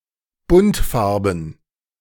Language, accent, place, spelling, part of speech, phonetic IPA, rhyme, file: German, Germany, Berlin, buntfarben, adjective, [ˈbʊntˌfaʁbn̩], -ʊntfaʁbn̩, De-buntfarben.ogg
- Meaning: multicoloured